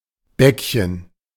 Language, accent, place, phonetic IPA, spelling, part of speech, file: German, Germany, Berlin, [ˈbɛkçən], Bäckchen, noun, De-Bäckchen.ogg
- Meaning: diminutive of Backe (little cheek)